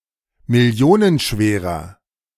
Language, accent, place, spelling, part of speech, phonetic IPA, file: German, Germany, Berlin, millionenschwerer, adjective, [mɪˈli̯oːnənˌʃveːʁɐ], De-millionenschwerer.ogg
- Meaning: inflection of millionenschwer: 1. strong/mixed nominative masculine singular 2. strong genitive/dative feminine singular 3. strong genitive plural